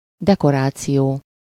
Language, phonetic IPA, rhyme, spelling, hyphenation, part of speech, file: Hungarian, [ˈdɛkoraːt͡sijoː], -joː, dekoráció, de‧ko‧rá‧ció, noun, Hu-dekoráció.ogg
- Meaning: 1. decoration (the act of adorning, ornamentation) 2. decoration (that which adorns, ornament) 3. decoration (any mark of honor to be worn upon the person, medal) 4. set, scenery